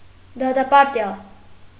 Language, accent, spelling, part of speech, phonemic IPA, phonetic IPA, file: Armenian, Eastern Armenian, դատապարտյալ, noun, /dɑtɑpɑɾˈtjɑl/, [dɑtɑpɑɾtjɑ́l], Hy-դատապարտյալ.ogg
- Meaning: convict